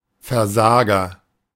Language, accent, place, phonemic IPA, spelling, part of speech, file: German, Germany, Berlin, /fɛɐ̯ˈzaːɡɐ/, Versager, noun, De-Versager.ogg
- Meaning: loser, failure, deadbeat (someone who fails)